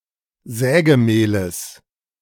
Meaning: genitive singular of Sägemehl
- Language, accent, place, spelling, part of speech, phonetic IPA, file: German, Germany, Berlin, Sägemehles, noun, [ˈzɛːɡəˌmeːləs], De-Sägemehles.ogg